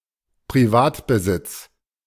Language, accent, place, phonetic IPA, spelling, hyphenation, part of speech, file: German, Germany, Berlin, [priˈvaːtbəzɪt͡s], Privatbesitz, Pri‧vat‧be‧sitz, noun, De-Privatbesitz.ogg
- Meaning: private property; private ownership